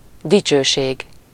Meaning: glory, honour, honor, fame
- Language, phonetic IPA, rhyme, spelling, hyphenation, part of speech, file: Hungarian, [ˈdit͡ʃøːʃeːɡ], -eːɡ, dicsőség, di‧cső‧ség, noun, Hu-dicsőség.ogg